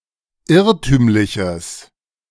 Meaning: strong/mixed nominative/accusative neuter singular of irrtümlich
- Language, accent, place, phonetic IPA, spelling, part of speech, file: German, Germany, Berlin, [ˈɪʁtyːmlɪçəs], irrtümliches, adjective, De-irrtümliches.ogg